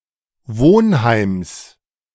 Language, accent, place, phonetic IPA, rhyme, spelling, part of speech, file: German, Germany, Berlin, [ˈvoːnˌhaɪ̯ms], -oːnhaɪ̯ms, Wohnheims, noun, De-Wohnheims.ogg
- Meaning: genitive of Wohnheim